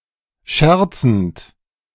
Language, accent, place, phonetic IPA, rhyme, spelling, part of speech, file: German, Germany, Berlin, [ˈʃɛʁt͡sn̩t], -ɛʁt͡sn̩t, scherzend, verb, De-scherzend.ogg
- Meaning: present participle of scherzen